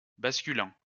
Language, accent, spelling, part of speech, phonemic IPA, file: French, France, basculant, verb, /bas.ky.lɑ̃/, LL-Q150 (fra)-basculant.wav
- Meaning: present participle of basculer